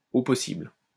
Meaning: extremely
- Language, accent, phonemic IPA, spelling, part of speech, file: French, France, /o pɔ.sibl/, au possible, adverb, LL-Q150 (fra)-au possible.wav